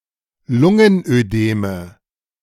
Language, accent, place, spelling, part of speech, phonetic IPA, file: German, Germany, Berlin, Lungenödeme, noun, [ˈlʊŋənʔøˌdeːmə], De-Lungenödeme.ogg
- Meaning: nominative/accusative/genitive plural of Lungenödem